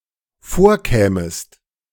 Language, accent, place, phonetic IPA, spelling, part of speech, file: German, Germany, Berlin, [ˈfoːɐ̯ˌkɛːməst], vorkämest, verb, De-vorkämest.ogg
- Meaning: second-person singular dependent subjunctive II of vorkommen